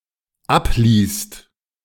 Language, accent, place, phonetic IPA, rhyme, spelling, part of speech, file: German, Germany, Berlin, [ˈapˌliːst], -apliːst, abließt, verb, De-abließt.ogg
- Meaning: second-person singular/plural dependent preterite of ablassen